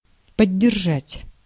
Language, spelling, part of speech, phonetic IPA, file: Russian, поддержать, verb, [pədʲːɪrˈʐatʲ], Ru-поддержать.ogg
- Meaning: 1. to support, to back up, to second 2. to maintain, to keep up